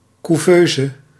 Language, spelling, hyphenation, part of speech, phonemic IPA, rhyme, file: Dutch, couveuse, cou‧veu‧se, noun, /ˌkuˈvøː.zə/, -øːzə, Nl-couveuse.ogg
- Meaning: An incubator, especially for sick or preterm infants